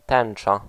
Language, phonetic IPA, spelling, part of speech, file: Polish, [ˈtɛ̃n͇t͡ʃa], tęcza, noun, Pl-tęcza.ogg